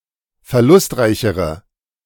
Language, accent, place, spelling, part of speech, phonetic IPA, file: German, Germany, Berlin, verlustreichere, adjective, [fɛɐ̯ˈlʊstˌʁaɪ̯çəʁə], De-verlustreichere.ogg
- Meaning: inflection of verlustreich: 1. strong/mixed nominative/accusative feminine singular comparative degree 2. strong nominative/accusative plural comparative degree